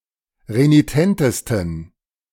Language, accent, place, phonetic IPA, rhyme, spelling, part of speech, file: German, Germany, Berlin, [ʁeniˈtɛntəstn̩], -ɛntəstn̩, renitentesten, adjective, De-renitentesten.ogg
- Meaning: 1. superlative degree of renitent 2. inflection of renitent: strong genitive masculine/neuter singular superlative degree